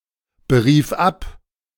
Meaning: first/third-person singular preterite of abberufen
- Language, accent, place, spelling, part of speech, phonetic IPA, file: German, Germany, Berlin, berief ab, verb, [bəˌʁiːf ˈap], De-berief ab.ogg